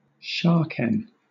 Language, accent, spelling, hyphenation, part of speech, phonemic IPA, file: English, Southern England, shaken, sha‧ken, noun, /ˈʃɑːkɛn/, LL-Q1860 (eng)-shaken.wav
- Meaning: A flat shuriken (“dart or throwing blade”) resembling a spiked wheel, as opposed to the longer stick-like kind